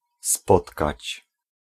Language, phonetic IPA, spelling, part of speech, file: Polish, [ˈspɔtkat͡ɕ], spotkać, verb, Pl-spotkać.ogg